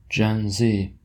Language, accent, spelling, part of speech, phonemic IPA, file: English, US, Gen Z, proper noun / noun, /ˌd͡ʒɛn ˈziː/, En-us-Gen Z.oga
- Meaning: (proper noun) Clipping of Generation Z; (noun) Synonym of Gen-Zer